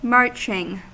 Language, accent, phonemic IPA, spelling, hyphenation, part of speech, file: English, US, /ˈmɑɹt͡ʃɪŋ/, marching, march‧ing, verb / noun / adjective, En-us-marching.ogg
- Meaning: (verb) present participle and gerund of march; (noun) Action described by the verb "to march"; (adjective) That marches